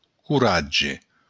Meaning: courage; bravery
- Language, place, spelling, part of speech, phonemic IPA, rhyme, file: Occitan, Béarn, coratge, noun, /kuˈɾa.d͡ʒe/, -adʒe, LL-Q14185 (oci)-coratge.wav